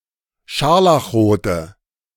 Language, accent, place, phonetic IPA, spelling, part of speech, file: German, Germany, Berlin, [ˈʃaʁlaxˌʁoːtə], scharlachrote, adjective, De-scharlachrote.ogg
- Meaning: inflection of scharlachrot: 1. strong/mixed nominative/accusative feminine singular 2. strong nominative/accusative plural 3. weak nominative all-gender singular